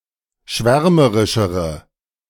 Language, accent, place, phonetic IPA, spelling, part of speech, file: German, Germany, Berlin, [ˈʃvɛʁməʁɪʃəʁə], schwärmerischere, adjective, De-schwärmerischere.ogg
- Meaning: inflection of schwärmerisch: 1. strong/mixed nominative/accusative feminine singular comparative degree 2. strong nominative/accusative plural comparative degree